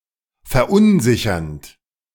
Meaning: present participle of verunsichern
- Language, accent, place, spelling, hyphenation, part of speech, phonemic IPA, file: German, Germany, Berlin, verunsichernd, ver‧un‧si‧chernd, verb, /fɛɐ̯ˈʔʊnˌzɪçɐnt/, De-verunsichernd.ogg